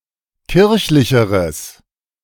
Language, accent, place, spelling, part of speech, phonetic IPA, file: German, Germany, Berlin, kirchlicheres, adjective, [ˈkɪʁçlɪçəʁəs], De-kirchlicheres.ogg
- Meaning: strong/mixed nominative/accusative neuter singular comparative degree of kirchlich